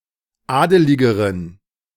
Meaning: inflection of adelig: 1. strong genitive masculine/neuter singular comparative degree 2. weak/mixed genitive/dative all-gender singular comparative degree
- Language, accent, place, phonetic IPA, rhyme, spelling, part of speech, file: German, Germany, Berlin, [ˈaːdəlɪɡəʁən], -aːdəlɪɡəʁən, adeligeren, adjective, De-adeligeren.ogg